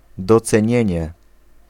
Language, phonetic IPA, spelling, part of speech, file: Polish, [ˌdɔt͡sɛ̃ˈɲɛ̇̃ɲɛ], docenienie, noun, Pl-docenienie.ogg